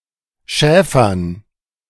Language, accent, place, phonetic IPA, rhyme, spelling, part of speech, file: German, Germany, Berlin, [ˈʃɛːfɐn], -ɛːfɐn, Schäfern, noun, De-Schäfern.ogg
- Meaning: dative plural of Schäfer